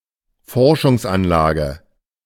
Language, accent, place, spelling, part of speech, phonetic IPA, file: German, Germany, Berlin, Forschungsanlage, noun, [ˈfɔʁʃʊŋsˌʔanlaːɡə], De-Forschungsanlage.ogg
- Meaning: research facility